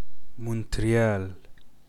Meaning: Montreal (an island on which is situated the largest city in Quebec, Canada)
- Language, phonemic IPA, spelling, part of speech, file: Arabic, /muːntri.jaːl/, مونتريال, proper noun, مونتريال.oga